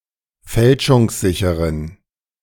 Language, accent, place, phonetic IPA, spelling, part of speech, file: German, Germany, Berlin, [ˈfɛlʃʊŋsˌzɪçəʁən], fälschungssicheren, adjective, De-fälschungssicheren.ogg
- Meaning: inflection of fälschungssicher: 1. strong genitive masculine/neuter singular 2. weak/mixed genitive/dative all-gender singular 3. strong/weak/mixed accusative masculine singular